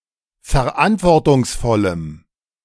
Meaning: strong dative masculine/neuter singular of verantwortungsvoll
- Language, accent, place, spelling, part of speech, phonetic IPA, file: German, Germany, Berlin, verantwortungsvollem, adjective, [fɛɐ̯ˈʔantvɔʁtʊŋsˌfɔləm], De-verantwortungsvollem.ogg